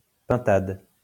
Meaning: guinea fowl
- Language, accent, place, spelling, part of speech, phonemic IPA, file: French, France, Lyon, pintade, noun, /pɛ̃.tad/, LL-Q150 (fra)-pintade.wav